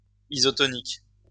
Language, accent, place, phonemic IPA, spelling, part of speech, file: French, France, Lyon, /i.zɔ.tɔ.nik/, isotonique, adjective, LL-Q150 (fra)-isotonique.wav
- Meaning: isotonic